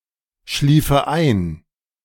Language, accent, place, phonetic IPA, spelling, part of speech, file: German, Germany, Berlin, [ˌʃliːfə ˈaɪ̯n], schliefe ein, verb, De-schliefe ein.ogg
- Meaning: first/third-person singular subjunctive II of einschlafen